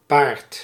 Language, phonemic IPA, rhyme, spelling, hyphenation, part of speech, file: Dutch, /paːrt/, -aːrt, paard, paard, noun, Nl-paard.ogg
- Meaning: 1. horse (Equus caballus or Equus ferus) 2. a knight 3. a pommel horse 4. a rope hanging beneath a spar or other horizontal beam, often fixed in place by other ropes 5. an ugly woman